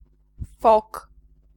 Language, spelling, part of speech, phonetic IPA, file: Polish, fok, noun, [fɔk], Pl-fok.ogg